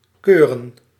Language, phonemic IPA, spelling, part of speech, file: Dutch, /ˈkøːrə(n)/, keuren, verb, Nl-keuren.ogg
- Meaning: 1. to inspect, assess 2. to test, sample